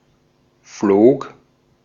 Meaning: past of fliegen
- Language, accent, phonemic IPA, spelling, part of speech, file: German, Austria, /floːk/, flog, verb, De-at-flog.ogg